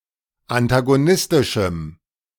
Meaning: strong dative masculine/neuter singular of antagonistisch
- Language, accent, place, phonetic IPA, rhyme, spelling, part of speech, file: German, Germany, Berlin, [antaɡoˈnɪstɪʃm̩], -ɪstɪʃm̩, antagonistischem, adjective, De-antagonistischem.ogg